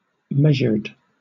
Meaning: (adjective) 1. That has been determined by measurement 2. Deliberate but restrained 3. Rhythmically written in meter; metrical; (verb) simple past and past participle of measure
- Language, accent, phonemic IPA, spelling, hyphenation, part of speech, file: English, Southern England, /ˈmɛʒəd/, measured, meas‧ured, adjective / verb, LL-Q1860 (eng)-measured.wav